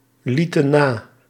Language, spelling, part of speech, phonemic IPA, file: Dutch, lieten na, verb, /ˈlitə(n) ˈna/, Nl-lieten na.ogg
- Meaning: inflection of nalaten: 1. plural past indicative 2. plural past subjunctive